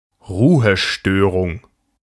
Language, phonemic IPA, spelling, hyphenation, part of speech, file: German, /ˈruːəʃtøːrʊŋ/, Ruhestörung, Ru‧he‧stö‧rung, noun, De-Ruhestörung.ogg
- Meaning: 1. disturbance, noise 2. breach of the peace, disorderly conduct